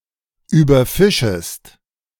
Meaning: second-person singular subjunctive I of überfischen
- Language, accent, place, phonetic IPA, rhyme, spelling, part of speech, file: German, Germany, Berlin, [yːbɐˈfɪʃəst], -ɪʃəst, überfischest, verb, De-überfischest.ogg